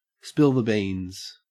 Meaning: To reveal a secret; to disclose information
- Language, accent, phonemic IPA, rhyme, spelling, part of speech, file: English, Australia, /ˌspɪl ðə ˈbiːnz/, -iːnz, spill the beans, verb, En-au-spill the beans.ogg